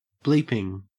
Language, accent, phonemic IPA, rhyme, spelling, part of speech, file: English, Australia, /ˈbliːpɪŋ/, -iːpɪŋ, bleeping, verb / adjective / noun, En-au-bleeping.ogg
- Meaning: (verb) present participle and gerund of bleep; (adjective) A generic intensifier which can be substituted for any profane intensifier; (noun) An instance of bleeping; a sound that bleeps